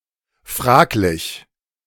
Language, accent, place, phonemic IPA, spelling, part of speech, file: German, Germany, Berlin, /ˈfʁaːklɪç/, fraglich, adjective, De-fraglich.ogg
- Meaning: 1. questionable, doubtful, iffy 2. concerned (postpositive)